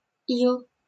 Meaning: silt, clay, mud, ooze, sludge
- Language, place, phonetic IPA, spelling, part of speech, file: Russian, Saint Petersburg, [iɫ], ил, noun, LL-Q7737 (rus)-ил.wav